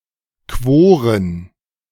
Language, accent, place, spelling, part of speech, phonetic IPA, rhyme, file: German, Germany, Berlin, Quoren, noun, [ˈkvoːʁən], -oːʁən, De-Quoren.ogg
- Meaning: plural of Quorum